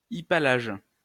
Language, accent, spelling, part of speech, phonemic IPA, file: French, France, hypallage, noun, /i.pa.laʒ/, LL-Q150 (fra)-hypallage.wav
- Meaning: chiasmus